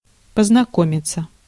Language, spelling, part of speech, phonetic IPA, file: Russian, познакомиться, verb, [pəznɐˈkomʲɪt͡sə], Ru-познакомиться.ogg
- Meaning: 1. to meet, to make the acquaintance, to make someone’s acquaintance, to get acquainted 2. to familiarize oneself, to go into 3. to visit, to see